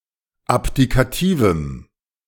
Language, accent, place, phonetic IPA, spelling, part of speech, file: German, Germany, Berlin, [ˈapdikaˌtiːvəm], abdikativem, adjective, De-abdikativem.ogg
- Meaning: strong dative masculine/neuter singular of abdikativ